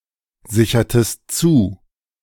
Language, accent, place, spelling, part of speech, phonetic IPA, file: German, Germany, Berlin, sichertest zu, verb, [ˌzɪçɐtəst ˈt͡suː], De-sichertest zu.ogg
- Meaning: inflection of zusichern: 1. second-person singular preterite 2. second-person singular subjunctive II